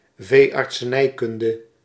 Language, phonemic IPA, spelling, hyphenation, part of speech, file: Dutch, /veː.ɑrt.səˈnɛi̯ˌkʏn.də/, veeartsenijkunde, vee‧art‧se‧nij‧kun‧de, noun, Nl-veeartsenijkunde.ogg
- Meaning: veterinary medicine